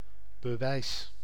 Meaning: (noun) 1. proof 2. evidence 3. the totality of proof and/or evidence used to make a case; argumentation 4. attesting document, permit 5. licence, permit (document allowing one to use certain vehicles)
- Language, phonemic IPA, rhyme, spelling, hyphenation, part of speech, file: Dutch, /bəˈʋɛi̯s/, -ɛi̯s, bewijs, be‧wijs, noun / verb, Nl-bewijs.ogg